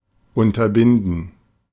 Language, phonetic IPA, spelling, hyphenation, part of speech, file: German, [ʊntɐˈbɪndn̩], unterbinden, un‧ter‧bin‧den, verb, De-unterbinden.ogg
- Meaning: to put a stop to, to prevent, to prohibit